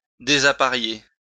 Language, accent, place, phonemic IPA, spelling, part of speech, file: French, France, Lyon, /de.za.pa.ʁje/, désapparier, verb, LL-Q150 (fra)-désapparier.wav
- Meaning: "to separate (birds that have been paired)"